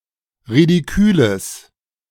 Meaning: strong/mixed nominative/accusative neuter singular of ridikül
- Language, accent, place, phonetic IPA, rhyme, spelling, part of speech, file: German, Germany, Berlin, [ʁidiˈkyːləs], -yːləs, ridiküles, adjective, De-ridiküles.ogg